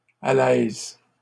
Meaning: undersheet, drawsheet
- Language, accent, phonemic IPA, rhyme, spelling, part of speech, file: French, Canada, /a.lɛz/, -ɛz, alaise, noun, LL-Q150 (fra)-alaise.wav